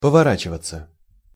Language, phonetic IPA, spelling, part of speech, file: Russian, [pəvɐˈrat͡ɕɪvət͡sə], поворачиваться, verb, Ru-поворачиваться.ogg
- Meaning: 1. to turn, to swing 2. to do something quickly or hastily 3. to change, to take shape in a certain way 4. passive of повора́чивать (povoráčivatʹ)